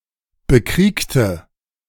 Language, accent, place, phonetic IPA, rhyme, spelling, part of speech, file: German, Germany, Berlin, [bəˈkʁiːktə], -iːktə, bekriegte, adjective / verb, De-bekriegte.ogg
- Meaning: inflection of bekriegen: 1. first/third-person singular preterite 2. first/third-person singular subjunctive II